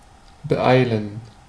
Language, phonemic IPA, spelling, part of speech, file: German, /bəˈʔaɪ̯lən/, beeilen, verb, De-beeilen.ogg
- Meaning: to hurry, to hasten, to rush